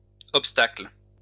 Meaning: plural of obstacle
- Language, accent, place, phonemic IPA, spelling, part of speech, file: French, France, Lyon, /ɔp.stakl/, obstacles, noun, LL-Q150 (fra)-obstacles.wav